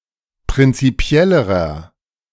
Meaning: inflection of prinzipiell: 1. strong/mixed nominative masculine singular comparative degree 2. strong genitive/dative feminine singular comparative degree 3. strong genitive plural comparative degree
- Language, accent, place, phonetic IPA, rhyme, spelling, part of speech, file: German, Germany, Berlin, [pʁɪnt͡siˈpi̯ɛləʁɐ], -ɛləʁɐ, prinzipiellerer, adjective, De-prinzipiellerer.ogg